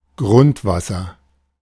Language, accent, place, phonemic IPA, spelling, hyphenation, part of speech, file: German, Germany, Berlin, /ˈɡʁʊntˌvasɐ/, Grundwasser, Grund‧was‧ser, noun, De-Grundwasser.ogg
- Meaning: groundwater (water existing beneath the earth's surface in underground streams and aquifers)